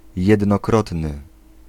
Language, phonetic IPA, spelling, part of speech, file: Polish, [ˌjɛdnɔˈkrɔtnɨ], jednokrotny, adjective, Pl-jednokrotny.ogg